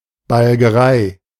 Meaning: scuffle, tussle, scrap
- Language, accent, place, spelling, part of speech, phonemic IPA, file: German, Germany, Berlin, Balgerei, noun, /balɡəˈʁaɪ̯/, De-Balgerei.ogg